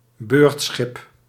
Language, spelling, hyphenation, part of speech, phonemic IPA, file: Dutch, beurtschip, beurt‧schip, noun, /ˈbøːrt.sxɪp/, Nl-beurtschip.ogg
- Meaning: a line ship for inland transportation of passengers and freight according to a regular schedule